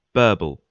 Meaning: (noun) 1. A bubbling, gurgling sound, as of a creek 2. A gush of rapid speech 3. The turbulent boundary layer about a moving streamlined body; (verb) To bubble; to gurgle
- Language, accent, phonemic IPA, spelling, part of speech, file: English, UK, /ˈbɜː.bl̩/, burble, noun / verb, En-gb-burble.ogg